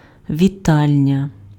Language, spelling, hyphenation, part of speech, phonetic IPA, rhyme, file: Ukrainian, вітальня, ві‧таль‧ня, noun, [ʋʲiˈtalʲnʲɐ], -alʲnʲɐ, Uk-вітальня.ogg
- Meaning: living room